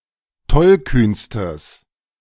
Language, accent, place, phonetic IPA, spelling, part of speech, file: German, Germany, Berlin, [ˈtɔlˌkyːnstəs], tollkühnstes, adjective, De-tollkühnstes.ogg
- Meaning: strong/mixed nominative/accusative neuter singular superlative degree of tollkühn